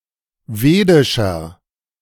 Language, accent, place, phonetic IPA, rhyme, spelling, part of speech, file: German, Germany, Berlin, [ˈveːdɪʃɐ], -eːdɪʃɐ, vedischer, adjective, De-vedischer.ogg
- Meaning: inflection of vedisch: 1. strong/mixed nominative masculine singular 2. strong genitive/dative feminine singular 3. strong genitive plural